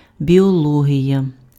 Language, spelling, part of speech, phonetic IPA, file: Ukrainian, біологія, noun, [bʲiɔˈɫɔɦʲijɐ], Uk-біологія.ogg
- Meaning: biology